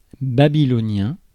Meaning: Babylonian
- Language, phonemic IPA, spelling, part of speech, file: French, /ba.bi.lɔ.njɛ̃/, babylonien, adjective, Fr-babylonien.ogg